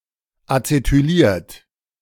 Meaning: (verb) past participle of acetylieren; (adjective) acetylated
- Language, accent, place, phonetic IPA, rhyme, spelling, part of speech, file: German, Germany, Berlin, [at͡setyˈliːɐ̯t], -iːɐ̯t, acetyliert, verb, De-acetyliert.ogg